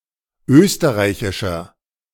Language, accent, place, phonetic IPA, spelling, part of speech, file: German, Germany, Berlin, [ˈøːstəʁaɪ̯çɪʃɐ], österreichischer, adjective, De-österreichischer.ogg
- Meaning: 1. comparative degree of österreichisch 2. inflection of österreichisch: strong/mixed nominative masculine singular 3. inflection of österreichisch: strong genitive/dative feminine singular